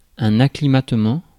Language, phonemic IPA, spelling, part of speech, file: French, /a.kli.mat.mɑ̃/, acclimatement, noun, Fr-acclimatement.ogg
- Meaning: acclimatization